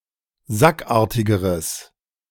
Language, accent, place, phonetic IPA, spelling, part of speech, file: German, Germany, Berlin, [ˈzakˌʔaːɐ̯tɪɡəʁəs], sackartigeres, adjective, De-sackartigeres.ogg
- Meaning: strong/mixed nominative/accusative neuter singular comparative degree of sackartig